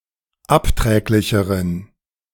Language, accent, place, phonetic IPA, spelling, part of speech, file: German, Germany, Berlin, [ˈapˌtʁɛːklɪçəʁən], abträglicheren, adjective, De-abträglicheren.ogg
- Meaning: inflection of abträglich: 1. strong genitive masculine/neuter singular comparative degree 2. weak/mixed genitive/dative all-gender singular comparative degree